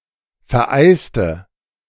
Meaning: inflection of vereisen: 1. first/third-person singular preterite 2. first/third-person singular subjunctive II
- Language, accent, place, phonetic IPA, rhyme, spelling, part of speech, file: German, Germany, Berlin, [fɛɐ̯ˈʔaɪ̯stə], -aɪ̯stə, vereiste, adjective / verb, De-vereiste.ogg